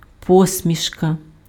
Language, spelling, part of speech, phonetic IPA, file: Ukrainian, посмішка, noun, [ˈpɔsʲmʲiʃkɐ], Uk-посмішка.ogg
- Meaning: a smile, especially one that is ironic or skeptical